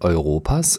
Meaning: genitive singular of Europa
- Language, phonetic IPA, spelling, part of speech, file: German, [ɔɪ̯ˈʁoːpaːs], Europas, noun, De-Europas.ogg